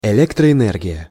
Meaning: electric power
- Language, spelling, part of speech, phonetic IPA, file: Russian, электроэнергия, noun, [ɛˌlʲektrəɛˈnɛrɡʲɪjə], Ru-электроэнергия.ogg